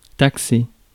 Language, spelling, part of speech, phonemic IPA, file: French, taxer, verb, /tak.se/, Fr-taxer.ogg
- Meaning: 1. to tax, to impose a tax on 2. to accuse 3. to call, to label